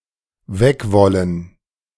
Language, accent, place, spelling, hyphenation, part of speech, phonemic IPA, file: German, Germany, Berlin, wegwollen, weg‧wol‧len, verb, /ˈvɛkˌvɔlən/, De-wegwollen.ogg
- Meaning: to want to leave